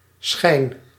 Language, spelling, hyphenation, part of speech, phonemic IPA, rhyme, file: Dutch, schijn, schijn, noun / verb, /sxɛi̯n/, -ɛi̯n, Nl-schijn.ogg
- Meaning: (noun) 1. a shine, glimmering 2. an appearance, semblance, especially when misleading 3. a cast (visual appearance) 4. a small quantity/sum, a bit, pittance